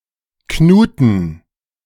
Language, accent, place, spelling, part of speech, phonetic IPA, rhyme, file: German, Germany, Berlin, Knuten, noun, [ˈknuːtn̩], -uːtn̩, De-Knuten.ogg
- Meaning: plural of Knute